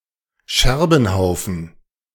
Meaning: shambles, ruins
- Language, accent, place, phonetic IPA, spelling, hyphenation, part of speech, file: German, Germany, Berlin, [ˈʃɛʁbn̩ˌhaʊ̯fn̩], Scherbenhaufen, Scher‧ben‧hau‧fen, noun, De-Scherbenhaufen.ogg